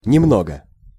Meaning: a little, some
- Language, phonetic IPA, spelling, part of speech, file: Russian, [nʲɪˈmnoɡə], немного, adverb, Ru-немного.ogg